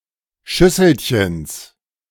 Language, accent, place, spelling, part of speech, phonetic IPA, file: German, Germany, Berlin, Schüsselchens, noun, [ˈʃʏsl̩çəns], De-Schüsselchens.ogg
- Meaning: genitive singular of Schüsselchen